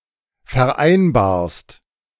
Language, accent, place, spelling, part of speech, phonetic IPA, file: German, Germany, Berlin, vereinbarst, verb, [fɛɐ̯ˈʔaɪ̯nbaːɐ̯st], De-vereinbarst.ogg
- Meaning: second-person singular present of vereinbaren